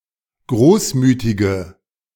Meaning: inflection of großmütig: 1. strong/mixed nominative/accusative feminine singular 2. strong nominative/accusative plural 3. weak nominative all-gender singular
- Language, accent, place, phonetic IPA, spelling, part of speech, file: German, Germany, Berlin, [ˈɡʁoːsˌmyːtɪɡə], großmütige, adjective, De-großmütige.ogg